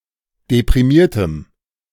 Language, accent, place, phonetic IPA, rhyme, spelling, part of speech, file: German, Germany, Berlin, [depʁiˈmiːɐ̯təm], -iːɐ̯təm, deprimiertem, adjective, De-deprimiertem.ogg
- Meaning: strong dative masculine/neuter singular of deprimiert